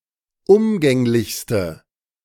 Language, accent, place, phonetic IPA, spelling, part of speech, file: German, Germany, Berlin, [ˈʊmɡɛŋlɪçstə], umgänglichste, adjective, De-umgänglichste.ogg
- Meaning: inflection of umgänglich: 1. strong/mixed nominative/accusative feminine singular superlative degree 2. strong nominative/accusative plural superlative degree